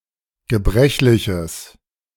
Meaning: strong/mixed nominative/accusative neuter singular of gebrechlich
- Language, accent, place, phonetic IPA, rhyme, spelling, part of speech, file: German, Germany, Berlin, [ɡəˈbʁɛçlɪçəs], -ɛçlɪçəs, gebrechliches, adjective, De-gebrechliches.ogg